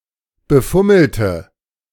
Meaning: inflection of befummeln: 1. first/third-person singular preterite 2. first/third-person singular subjunctive II
- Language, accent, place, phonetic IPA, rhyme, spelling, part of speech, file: German, Germany, Berlin, [bəˈfʊml̩tə], -ʊml̩tə, befummelte, adjective / verb, De-befummelte.ogg